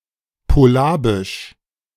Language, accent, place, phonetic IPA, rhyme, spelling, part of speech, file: German, Germany, Berlin, [poˈlaːbɪʃ], -aːbɪʃ, Polabisch, noun, De-Polabisch.ogg
- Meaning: Polabian (the Polabian language)